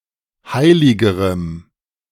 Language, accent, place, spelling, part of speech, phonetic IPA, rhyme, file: German, Germany, Berlin, heiligerem, adjective, [ˈhaɪ̯lɪɡəʁəm], -aɪ̯lɪɡəʁəm, De-heiligerem.ogg
- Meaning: strong dative masculine/neuter singular comparative degree of heilig